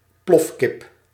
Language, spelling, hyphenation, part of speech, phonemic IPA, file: Dutch, plofkip, plof‧kip, noun, /ˈplɔf.kɪp/, Nl-plofkip.ogg
- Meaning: broiler chicken that is made to grow unusually fast so as to speed up meat production